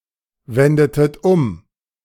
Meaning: inflection of umwenden: 1. second-person plural preterite 2. second-person plural subjunctive II
- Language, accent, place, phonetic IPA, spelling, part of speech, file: German, Germany, Berlin, [ˌvɛndətət ˈʊm], wendetet um, verb, De-wendetet um.ogg